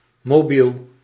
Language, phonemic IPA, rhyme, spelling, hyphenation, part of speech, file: Dutch, /moːˈbil/, -il, mobiel, mo‧biel, adjective / noun, Nl-mobiel.ogg
- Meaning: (adjective) mobile; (noun) 1. ellipsis of mobiele telefoon; a mobile phone, cellphone, mobile 2. a mobile (kinetic arrangement)